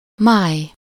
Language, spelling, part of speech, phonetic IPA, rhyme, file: Hungarian, máj, noun, [ˈmaːj], -aːj, Hu-máj.ogg
- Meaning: 1. liver (a large organ in the body that stores and metabolizes nutrients, destroys toxins and produces bile) 2. hepatic